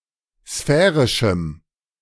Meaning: strong dative masculine/neuter singular of sphärisch
- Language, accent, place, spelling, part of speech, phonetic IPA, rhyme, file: German, Germany, Berlin, sphärischem, adjective, [ˈsfɛːʁɪʃm̩], -ɛːʁɪʃm̩, De-sphärischem.ogg